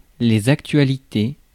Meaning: 1. plural of actualité 2. news (recent events) 3. news (media coverage of recent events)
- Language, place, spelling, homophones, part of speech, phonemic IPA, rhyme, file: French, Paris, actualités, actualité, noun, /ak.tɥa.li.te/, -e, Fr-actualités.ogg